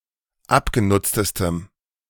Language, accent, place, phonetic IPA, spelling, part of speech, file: German, Germany, Berlin, [ˈapɡeˌnʊt͡stəstəm], abgenutztestem, adjective, De-abgenutztestem.ogg
- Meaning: strong dative masculine/neuter singular superlative degree of abgenutzt